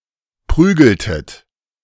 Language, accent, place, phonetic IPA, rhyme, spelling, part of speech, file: German, Germany, Berlin, [ˈpʁyːɡl̩tət], -yːɡl̩tət, prügeltet, verb, De-prügeltet.ogg
- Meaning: inflection of prügeln: 1. second-person plural preterite 2. second-person plural subjunctive II